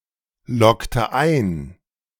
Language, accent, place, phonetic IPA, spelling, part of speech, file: German, Germany, Berlin, [ˌlɔktə ˈaɪ̯n], loggte ein, verb, De-loggte ein.ogg
- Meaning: inflection of einloggen: 1. first/third-person singular preterite 2. first/third-person singular subjunctive II